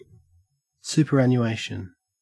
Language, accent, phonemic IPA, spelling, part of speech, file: English, Australia, /ˈs(j)ʉːpəˌɹænjʉːˈæɪʃn̩/, superannuation, noun, En-au-superannuation.ogg